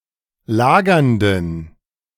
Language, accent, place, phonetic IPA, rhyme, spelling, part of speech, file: German, Germany, Berlin, [ˈlaːɡɐndn̩], -aːɡɐndn̩, lagernden, adjective, De-lagernden.ogg
- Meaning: inflection of lagernd: 1. strong genitive masculine/neuter singular 2. weak/mixed genitive/dative all-gender singular 3. strong/weak/mixed accusative masculine singular 4. strong dative plural